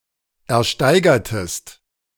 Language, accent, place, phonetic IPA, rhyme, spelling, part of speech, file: German, Germany, Berlin, [ɛɐ̯ˈʃtaɪ̯ɡɐtəst], -aɪ̯ɡɐtəst, ersteigertest, verb, De-ersteigertest.ogg
- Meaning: inflection of ersteigern: 1. second-person singular preterite 2. second-person singular subjunctive II